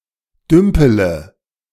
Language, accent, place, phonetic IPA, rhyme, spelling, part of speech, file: German, Germany, Berlin, [ˈdʏmpələ], -ʏmpələ, dümpele, verb, De-dümpele.ogg
- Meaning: inflection of dümpeln: 1. first-person singular present 2. first-person plural subjunctive I 3. third-person singular subjunctive I 4. singular imperative